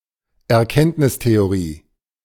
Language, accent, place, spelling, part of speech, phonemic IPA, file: German, Germany, Berlin, Erkenntnistheorie, noun, /ʔɛɐ̯ˈkɛntnɪsteoˌʁiː/, De-Erkenntnistheorie.ogg
- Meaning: theory of knowledge; epistemology